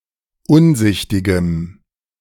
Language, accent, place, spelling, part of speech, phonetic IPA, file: German, Germany, Berlin, unsichtigem, adjective, [ˈʊnˌzɪçtɪɡəm], De-unsichtigem.ogg
- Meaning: strong dative masculine/neuter singular of unsichtig